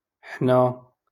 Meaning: we (subject pronoun)
- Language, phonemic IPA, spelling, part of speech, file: Moroccan Arabic, /ħna/, حنا, pronoun, LL-Q56426 (ary)-حنا.wav